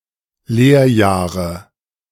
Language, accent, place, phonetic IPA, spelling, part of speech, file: German, Germany, Berlin, [ˈleːɐ̯ˌjaːʁə], Lehrjahre, noun, De-Lehrjahre.ogg
- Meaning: apprenticeship